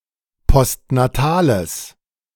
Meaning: strong/mixed nominative/accusative neuter singular of postnatal
- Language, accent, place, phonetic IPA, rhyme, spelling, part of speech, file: German, Germany, Berlin, [pɔstnaˈtaːləs], -aːləs, postnatales, adjective, De-postnatales.ogg